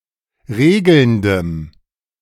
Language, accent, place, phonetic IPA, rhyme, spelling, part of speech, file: German, Germany, Berlin, [ˈʁeːɡl̩ndəm], -eːɡl̩ndəm, regelndem, adjective, De-regelndem.ogg
- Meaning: strong dative masculine/neuter singular of regelnd